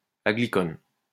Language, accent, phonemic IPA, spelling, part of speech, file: French, France, /a.ɡli.kɔn/, aglycone, noun, LL-Q150 (fra)-aglycone.wav
- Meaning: aglycone